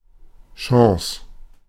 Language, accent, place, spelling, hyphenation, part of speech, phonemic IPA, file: German, Germany, Berlin, Chance, Chan‧ce, noun, /ˈʃɔŋzə/, De-Chance.ogg
- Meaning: chance